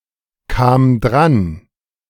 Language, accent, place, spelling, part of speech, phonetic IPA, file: German, Germany, Berlin, kam dran, verb, [ˌkaːm ˈdʁan], De-kam dran.ogg
- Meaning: first/third-person singular preterite of drankommen